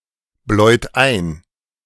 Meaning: inflection of einbläuen: 1. second-person plural present 2. third-person singular present 3. plural imperative
- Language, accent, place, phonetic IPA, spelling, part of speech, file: German, Germany, Berlin, [ˌblɔɪ̯t ˈaɪ̯n], bläut ein, verb, De-bläut ein.ogg